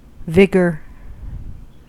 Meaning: Alternative form of vigour
- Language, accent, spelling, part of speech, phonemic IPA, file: English, US, vigor, noun, /ˈvɪɡɚ/, En-us-vigor.ogg